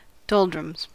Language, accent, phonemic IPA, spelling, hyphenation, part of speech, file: English, General American, /ˈdɑldɹəmz/, doldrums, dol‧drums, noun, En-us-doldrums.ogg
- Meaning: Usually preceded by the: a state of apathy or lack of interest; a situation where one feels boredom, ennui, or tedium; a state of listlessness or malaise